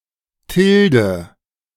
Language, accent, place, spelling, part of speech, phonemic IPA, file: German, Germany, Berlin, Tilde, noun, /ˈtɪldə/, De-Tilde.ogg
- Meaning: tilde